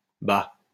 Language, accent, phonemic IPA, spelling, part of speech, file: French, France, /ba/, bah, interjection, LL-Q150 (fra)-bah.wav
- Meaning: 1. No 2. An exclamation to fill space, often used as an intensifier; well, err, um